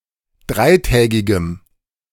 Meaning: strong dative masculine/neuter singular of dreitägig
- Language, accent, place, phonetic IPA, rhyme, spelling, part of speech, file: German, Germany, Berlin, [ˈdʁaɪ̯ˌtɛːɡɪɡəm], -aɪ̯tɛːɡɪɡəm, dreitägigem, adjective, De-dreitägigem.ogg